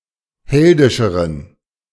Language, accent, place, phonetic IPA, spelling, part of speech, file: German, Germany, Berlin, [ˈhɛldɪʃəʁən], heldischeren, adjective, De-heldischeren.ogg
- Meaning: inflection of heldisch: 1. strong genitive masculine/neuter singular comparative degree 2. weak/mixed genitive/dative all-gender singular comparative degree